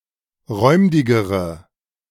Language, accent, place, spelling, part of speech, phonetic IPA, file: German, Germany, Berlin, räumdigere, adjective, [ˈʁɔɪ̯mdɪɡəʁə], De-räumdigere.ogg
- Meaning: inflection of räumdig: 1. strong/mixed nominative/accusative feminine singular comparative degree 2. strong nominative/accusative plural comparative degree